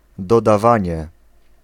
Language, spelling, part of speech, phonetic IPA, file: Polish, dodawanie, noun, [ˌdɔdaˈvãɲɛ], Pl-dodawanie.ogg